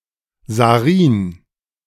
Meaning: sarin (neurotoxin)
- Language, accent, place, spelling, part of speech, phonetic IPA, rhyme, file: German, Germany, Berlin, Sarin, noun, [zaˈʁiːn], -iːn, De-Sarin.ogg